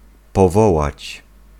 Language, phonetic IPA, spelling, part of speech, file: Polish, [pɔˈvɔwat͡ɕ], powołać, verb, Pl-powołać.ogg